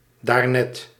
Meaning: just now, a moment ago
- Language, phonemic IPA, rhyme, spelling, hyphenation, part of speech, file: Dutch, /daːrˈnɛt/, -ɛt, daarnet, daar‧net, adverb, Nl-daarnet.ogg